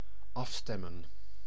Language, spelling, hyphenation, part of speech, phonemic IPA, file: Dutch, afstemmen, af‧stem‧men, verb, /ˈɑfstɛmə(n)/, Nl-afstemmen.ogg
- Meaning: 1. to coordinate 2. to tune (an instrument) 3. to tune (a radio etc.)